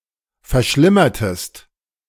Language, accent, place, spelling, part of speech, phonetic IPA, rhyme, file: German, Germany, Berlin, verschlimmertest, verb, [fɛɐ̯ˈʃlɪmɐtəst], -ɪmɐtəst, De-verschlimmertest.ogg
- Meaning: inflection of verschlimmern: 1. second-person singular preterite 2. second-person singular subjunctive II